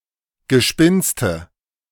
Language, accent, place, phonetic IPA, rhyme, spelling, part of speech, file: German, Germany, Berlin, [ɡəˈʃpɪnstə], -ɪnstə, Gespinste, noun, De-Gespinste.ogg
- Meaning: nominative/accusative/genitive plural of Gespinst